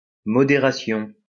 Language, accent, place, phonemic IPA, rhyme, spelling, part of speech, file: French, France, Lyon, /mɔ.de.ʁa.sjɔ̃/, -ɔ̃, modération, noun, LL-Q150 (fra)-modération.wav
- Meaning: moderation